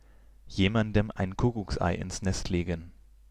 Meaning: to hurt someone such in a way that it only becomes apparent later
- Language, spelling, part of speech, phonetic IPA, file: German, jemandem ein Kuckucksei ins Nest legen, verb, [ˈjeːmandəm ʔaɪ̯n ˈkʊkʊksʔaɪ̯ ʔɪns nɛst ˈleːɡn̩], De-jemandem ein Kuckucksei ins Nest legen.ogg